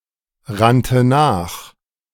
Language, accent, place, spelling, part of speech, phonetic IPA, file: German, Germany, Berlin, rannte nach, verb, [ˌʁantə ˈnaːx], De-rannte nach.ogg
- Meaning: first/third-person singular preterite of nachrennen